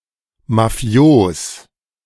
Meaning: alternative form of mafiös
- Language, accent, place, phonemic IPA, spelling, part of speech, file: German, Germany, Berlin, /maˈfi̯oːs/, mafios, adjective, De-mafios.ogg